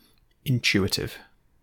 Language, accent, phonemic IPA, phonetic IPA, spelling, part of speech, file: English, UK, /ɪnˈtjuːɪtɪv/, [ɪnˈt͡ʃuːɪtɪv], intuitive, adjective / noun, En-GB-intuitive.ogg
- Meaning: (adjective) 1. Spontaneous, without requiring conscious thought 2. Easily understood or grasped by intuition 3. Having a marked degree of intuition